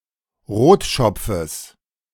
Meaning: genitive singular of Rotschopf
- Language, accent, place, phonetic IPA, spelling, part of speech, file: German, Germany, Berlin, [ˈʁoːtˌʃɔp͡fəs], Rotschopfes, noun, De-Rotschopfes.ogg